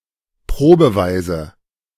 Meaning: on a trial basis
- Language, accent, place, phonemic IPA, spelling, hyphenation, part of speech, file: German, Germany, Berlin, /ˈpʁoːbəˌvaɪ̯zə/, probeweise, pro‧be‧wei‧se, adverb, De-probeweise.ogg